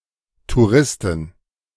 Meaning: plural of Tourist
- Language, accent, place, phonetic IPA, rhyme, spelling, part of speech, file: German, Germany, Berlin, [tuˈʁɪstn̩], -ɪstn̩, Touristen, noun, De-Touristen.ogg